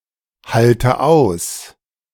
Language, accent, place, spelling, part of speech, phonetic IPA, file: German, Germany, Berlin, halte aus, verb, [ˌhaltə ˈaʊ̯s], De-halte aus.ogg
- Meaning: inflection of aushalten: 1. first-person singular present 2. first/third-person singular subjunctive I 3. singular imperative